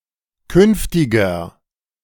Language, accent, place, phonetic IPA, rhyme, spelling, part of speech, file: German, Germany, Berlin, [ˈkʏnftɪɡɐ], -ʏnftɪɡɐ, künftiger, adjective, De-künftiger.ogg
- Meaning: inflection of künftig: 1. strong/mixed nominative masculine singular 2. strong genitive/dative feminine singular 3. strong genitive plural